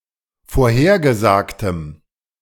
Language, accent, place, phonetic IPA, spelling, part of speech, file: German, Germany, Berlin, [foːɐ̯ˈheːɐ̯ɡəˌzaːktəm], vorhergesagtem, adjective, De-vorhergesagtem.ogg
- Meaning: strong dative masculine/neuter singular of vorhergesagt